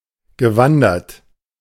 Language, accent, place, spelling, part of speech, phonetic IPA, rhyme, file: German, Germany, Berlin, gewandert, verb, [ɡəˈvandɐt], -andɐt, De-gewandert.ogg
- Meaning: past participle of wandern